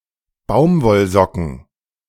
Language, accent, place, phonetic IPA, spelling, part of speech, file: German, Germany, Berlin, [ˈbaʊ̯mvɔlˌzɔkn̩], Baumwollsocken, noun, De-Baumwollsocken.ogg
- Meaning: plural of Baumwollsocke